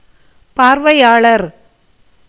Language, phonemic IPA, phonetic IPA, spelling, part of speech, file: Tamil, /pɑːɾʋɐɪ̯jɑːɭɐɾ/, [päːɾʋɐɪ̯jäːɭɐɾ], பார்வையாளர், noun, Ta-பார்வையாளர்.ogg
- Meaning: observer, spectator